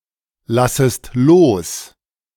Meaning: second-person singular subjunctive I of loslassen
- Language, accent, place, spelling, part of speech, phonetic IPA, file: German, Germany, Berlin, lassest los, verb, [ˌlasəst ˈloːs], De-lassest los.ogg